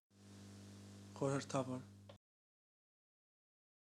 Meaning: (adjective) 1. mysterious, secretive, cryptic 2. treasured, prized, notable (historically valuable) 3. wise, sagacious, sensible 4. secret, hidden, concealed
- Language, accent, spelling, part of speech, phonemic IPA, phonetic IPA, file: Armenian, Eastern Armenian, խորհրդավոր, adjective / adverb, /χoɾəɾtʰɑˈvoɾ/, [χoɾəɾtʰɑvóɾ], Hy-խորհրդավոր.ogg